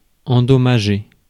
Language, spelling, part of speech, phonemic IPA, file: French, endommager, verb, /ɑ̃.dɔ.ma.ʒe/, Fr-endommager.ogg
- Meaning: to damage (to cause damage to something)